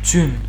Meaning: snow
- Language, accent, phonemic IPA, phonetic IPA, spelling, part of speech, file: Armenian, Western Armenian, /t͡sʏn/, [t͡sʰʏn], ձյուն, noun, HyW-ձյուն.ogg